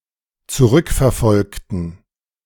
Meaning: inflection of zurückverfolgen: 1. first/third-person plural dependent preterite 2. first/third-person plural dependent subjunctive II
- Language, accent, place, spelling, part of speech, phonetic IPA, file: German, Germany, Berlin, zurückverfolgten, adjective / verb, [t͡suˈʁʏkfɛɐ̯ˌfɔlktn̩], De-zurückverfolgten.ogg